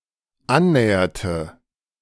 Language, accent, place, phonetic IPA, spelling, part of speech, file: German, Germany, Berlin, [ˈanˌnɛːɐtə], annäherte, verb, De-annäherte.ogg
- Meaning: inflection of annähern: 1. first/third-person singular dependent preterite 2. first/third-person singular dependent subjunctive II